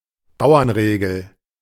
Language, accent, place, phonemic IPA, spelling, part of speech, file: German, Germany, Berlin, /ˈbaʊ̯ɐnˌʁeːɡl̩/, Bauernregel, noun, De-Bauernregel.ogg
- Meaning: country saying